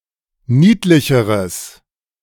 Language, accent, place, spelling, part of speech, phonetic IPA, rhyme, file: German, Germany, Berlin, niedlicheres, adjective, [ˈniːtlɪçəʁəs], -iːtlɪçəʁəs, De-niedlicheres.ogg
- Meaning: strong/mixed nominative/accusative neuter singular comparative degree of niedlich